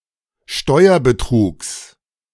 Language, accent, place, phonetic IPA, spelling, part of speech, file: German, Germany, Berlin, [ˈʃtɔɪ̯ɐbəˌtʁuːks], Steuerbetrugs, noun, De-Steuerbetrugs.ogg
- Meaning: genitive singular of Steuerbetrug